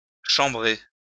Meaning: 1. to bring wine to room temperature 2. to mock
- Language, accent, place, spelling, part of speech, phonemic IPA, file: French, France, Lyon, chambrer, verb, /ʃɑ̃.bʁe/, LL-Q150 (fra)-chambrer.wav